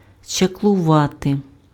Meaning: 1. to conjure, to practice witchcraft, to use magic 2. to do something unknown that looks like magic
- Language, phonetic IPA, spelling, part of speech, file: Ukrainian, [t͡ʃɐkɫʊˈʋate], чаклувати, verb, Uk-чаклувати.ogg